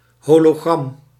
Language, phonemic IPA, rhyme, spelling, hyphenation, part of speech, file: Dutch, /ˌɦoː.loːˈɣrɑm/, -ɑm, hologram, ho‧lo‧gram, noun, Nl-hologram.ogg
- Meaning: hologram, hologramme